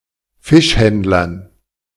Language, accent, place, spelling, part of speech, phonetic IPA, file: German, Germany, Berlin, Fischhändlern, noun, [ˈfɪʃˌhɛndlɐn], De-Fischhändlern.ogg
- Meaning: dative plural of Fischhändler